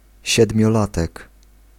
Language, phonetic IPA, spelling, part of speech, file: Polish, [ˌɕɛdmʲjɔˈlatɛk], siedmiolatek, noun, Pl-siedmiolatek.ogg